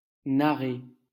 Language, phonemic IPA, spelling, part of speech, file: French, /na.ʁe/, narrer, verb, LL-Q150 (fra)-narrer.wav
- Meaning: to narrate, to tell (e.g. a story)